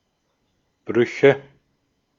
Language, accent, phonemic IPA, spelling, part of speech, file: German, Austria, /ˈbʁʏçə/, Brüche, noun, De-at-Brüche.ogg
- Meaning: nominative/accusative/genitive plural of Bruch (“fracture”)